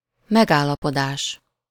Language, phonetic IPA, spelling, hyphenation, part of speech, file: Hungarian, [ˈmɛɡaːlːɒpodaːʃ], megállapodás, meg‧ál‧la‧po‧dás, noun, Hu-megállapodás.ogg
- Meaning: verbal noun of megállapodik: agreement (the act or the result)